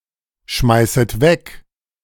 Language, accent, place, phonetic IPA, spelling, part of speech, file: German, Germany, Berlin, [ˌʃmaɪ̯sət ˈvɛk], schmeißet weg, verb, De-schmeißet weg.ogg
- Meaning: second-person plural subjunctive I of wegschmeißen